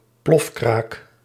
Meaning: a (bank or ATM) raid involving explosives
- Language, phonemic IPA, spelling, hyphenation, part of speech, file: Dutch, /ˈplɔf.kraːk/, plofkraak, plof‧kraak, noun, Nl-plofkraak.ogg